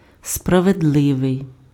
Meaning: 1. just 2. fair, equitable
- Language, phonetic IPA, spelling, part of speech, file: Ukrainian, [sprɐʋedˈɫɪʋei̯], справедливий, adjective, Uk-справедливий.ogg